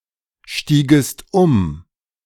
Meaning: second-person singular subjunctive II of umsteigen
- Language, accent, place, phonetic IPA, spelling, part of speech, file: German, Germany, Berlin, [ˌʃtiːɡəst ˈʊm], stiegest um, verb, De-stiegest um.ogg